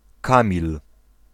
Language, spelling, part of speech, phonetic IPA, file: Polish, Kamil, proper noun, [ˈkãmʲil], Pl-Kamil.ogg